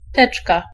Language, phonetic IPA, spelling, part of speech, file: Polish, [ˈtɛt͡ʃka], teczka, noun, Pl-teczka.ogg